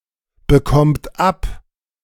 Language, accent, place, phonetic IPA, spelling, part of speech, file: German, Germany, Berlin, [bəˌkɔmt ˈap], bekommt ab, verb, De-bekommt ab.ogg
- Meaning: inflection of abbekommen: 1. third-person singular present 2. second-person plural present 3. plural imperative